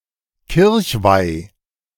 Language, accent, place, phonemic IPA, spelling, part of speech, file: German, Germany, Berlin, /ˈkɪʁçvai/, Kirchweih, noun, De-Kirchweih.ogg
- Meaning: fair, fête